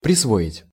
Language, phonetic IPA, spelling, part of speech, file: Russian, [prʲɪsˈvoɪtʲ], присвоить, verb, Ru-присвоить.ogg
- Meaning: 1. to appropriate; to claim or use something as property especially when it belongs to someone else 2. to give, to confer (on), to award (to) 3. to assign